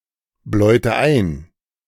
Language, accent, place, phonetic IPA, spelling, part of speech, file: German, Germany, Berlin, [ˌblɔɪ̯tə ˈaɪ̯n], bläute ein, verb, De-bläute ein.ogg
- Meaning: inflection of einbläuen: 1. first/third-person singular preterite 2. first/third-person singular subjunctive II